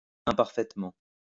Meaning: imperfectly
- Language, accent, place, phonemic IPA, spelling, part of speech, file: French, France, Lyon, /ɛ̃.paʁ.fɛt.mɑ̃/, imparfaitement, adverb, LL-Q150 (fra)-imparfaitement.wav